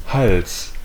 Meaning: 1. neck 2. throat
- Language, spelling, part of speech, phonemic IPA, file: German, Hals, noun, /hals/, De-Hals.ogg